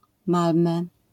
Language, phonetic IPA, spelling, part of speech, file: Polish, [ˈmalmɛ], Malmö, proper noun, LL-Q809 (pol)-Malmö.wav